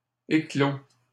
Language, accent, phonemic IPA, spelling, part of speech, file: French, Canada, /e.klo/, éclôt, verb, LL-Q150 (fra)-éclôt.wav
- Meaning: third-person singular present indicative of éclore